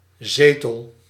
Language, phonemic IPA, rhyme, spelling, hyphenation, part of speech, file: Dutch, /ˈzeː.təl/, -eːtəl, zetel, ze‧tel, noun / verb, Nl-zetel.ogg
- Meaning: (noun) chair, seat, especially as in parliament; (verb) inflection of zetelen: 1. first-person singular present indicative 2. second-person singular present indicative 3. imperative